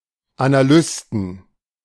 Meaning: 1. genitive singular of Analyst 2. plural of Analyst
- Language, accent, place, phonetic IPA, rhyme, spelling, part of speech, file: German, Germany, Berlin, [anaˈlʏstn̩], -ʏstn̩, Analysten, noun, De-Analysten.ogg